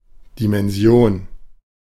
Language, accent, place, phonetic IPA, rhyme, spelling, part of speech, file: German, Germany, Berlin, [ˌdimɛnˈzi̯oːn], -oːn, Dimension, noun, De-Dimension.ogg
- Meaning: dimension